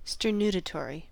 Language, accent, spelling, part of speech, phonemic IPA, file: English, US, sternutatory, adjective / noun, /stɝːˈnuː.təˌtɔːɹ.i/, En-us-sternutatory.ogg
- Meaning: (adjective) That causes or induces sneezing; sternutative; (noun) Any substance that causes sneezing; a sternutator